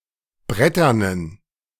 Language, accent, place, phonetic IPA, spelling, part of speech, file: German, Germany, Berlin, [ˈbʁɛtɐnən], bretternen, adjective, De-bretternen.ogg
- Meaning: inflection of brettern: 1. strong genitive masculine/neuter singular 2. weak/mixed genitive/dative all-gender singular 3. strong/weak/mixed accusative masculine singular 4. strong dative plural